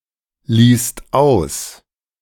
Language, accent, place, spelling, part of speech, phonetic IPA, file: German, Germany, Berlin, liest aus, verb, [ˌliːst ˈaʊ̯s], De-liest aus.ogg
- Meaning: second/third-person singular present of auslesen